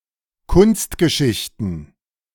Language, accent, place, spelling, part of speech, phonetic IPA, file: German, Germany, Berlin, Kunstgeschichten, noun, [ˈkʊnstɡəˌʃɪçtn̩], De-Kunstgeschichten.ogg
- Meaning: plural of Kunstgeschichte